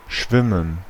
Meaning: 1. to swim (to use swimming motions to move in the water) 2. to swim (for pleasure, as a sport, etc.) 3. to swim (a certain distance) 4. to transport by floating 5. to float, to be floating
- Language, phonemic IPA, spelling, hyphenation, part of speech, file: German, /ˈʃvɪmən/, schwimmen, schwim‧men, verb, De-schwimmen.ogg